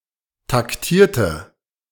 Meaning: inflection of taktieren: 1. first/third-person singular preterite 2. first/third-person singular subjunctive II
- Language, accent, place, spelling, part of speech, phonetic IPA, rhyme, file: German, Germany, Berlin, taktierte, adjective / verb, [takˈtiːɐ̯tə], -iːɐ̯tə, De-taktierte.ogg